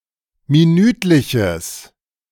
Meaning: strong/mixed nominative/accusative neuter singular of minütlich
- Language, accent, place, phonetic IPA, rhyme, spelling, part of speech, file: German, Germany, Berlin, [miˈnyːtlɪçəs], -yːtlɪçəs, minütliches, adjective, De-minütliches.ogg